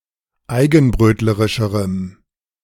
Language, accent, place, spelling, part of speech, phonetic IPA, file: German, Germany, Berlin, eigenbrötlerischerem, adjective, [ˈaɪ̯ɡn̩ˌbʁøːtləʁɪʃəʁəm], De-eigenbrötlerischerem.ogg
- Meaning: strong dative masculine/neuter singular comparative degree of eigenbrötlerisch